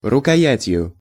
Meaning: instrumental singular of рукоя́ть (rukojátʹ)
- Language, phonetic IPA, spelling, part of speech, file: Russian, [rʊkɐˈjætʲjʊ], рукоятью, noun, Ru-рукоятью.ogg